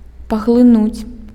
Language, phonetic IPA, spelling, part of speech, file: Belarusian, [paɣɫɨˈnut͡sʲ], паглынуць, verb, Be-паглынуць.ogg
- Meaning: to absorb